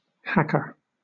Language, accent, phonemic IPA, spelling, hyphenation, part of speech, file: English, Southern England, /hækə/, hacker, hack‧er, noun / verb, LL-Q1860 (eng)-hacker.wav
- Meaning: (noun) 1. Someone who hacks 2. Someone who hacks.: One who cuts with heavy or rough blows